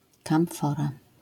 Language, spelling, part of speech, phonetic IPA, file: Polish, kamfora, noun, [kãw̃ˈfɔra], LL-Q809 (pol)-kamfora.wav